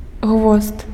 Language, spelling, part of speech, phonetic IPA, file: Belarusian, гвозд, noun, [ɣvost], Be-гвозд.ogg
- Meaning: nail (metal fastener)